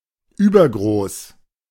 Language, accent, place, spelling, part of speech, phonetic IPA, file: German, Germany, Berlin, übergroß, adjective, [ˈyːbɐˌɡʁoːs], De-übergroß.ogg
- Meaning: oversized, excessively large